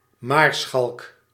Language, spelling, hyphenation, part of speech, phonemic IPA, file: Dutch, maarschalk, maar‧schalk, noun, /ˈmaːr.sxɑlk/, Nl-maarschalk.ogg
- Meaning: marshal, field marshal